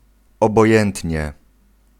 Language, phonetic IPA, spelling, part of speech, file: Polish, [ˌɔbɔˈjɛ̃ntʲɲɛ], obojętnie, adverb, Pl-obojętnie.ogg